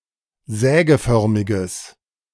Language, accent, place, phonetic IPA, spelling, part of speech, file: German, Germany, Berlin, [ˈzɛːɡəˌfœʁmɪɡəs], sägeförmiges, adjective, De-sägeförmiges.ogg
- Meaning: strong/mixed nominative/accusative neuter singular of sägeförmig